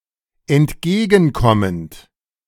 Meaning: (verb) present participle of entgegenkommen; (adjective) accommodating, obliging, complaisant
- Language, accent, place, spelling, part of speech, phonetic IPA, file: German, Germany, Berlin, entgegenkommend, adjective, [ɛntˈɡeːɡn̩ˌkɔmənt], De-entgegenkommend.ogg